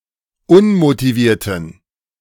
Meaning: inflection of unmotiviert: 1. strong genitive masculine/neuter singular 2. weak/mixed genitive/dative all-gender singular 3. strong/weak/mixed accusative masculine singular 4. strong dative plural
- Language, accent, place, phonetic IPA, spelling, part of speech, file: German, Germany, Berlin, [ˈʊnmotiˌviːɐ̯tn̩], unmotivierten, adjective, De-unmotivierten.ogg